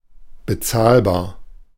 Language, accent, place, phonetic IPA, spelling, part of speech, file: German, Germany, Berlin, [bəˈt͡saːlbaːɐ̯], bezahlbar, adjective, De-bezahlbar.ogg
- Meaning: affordable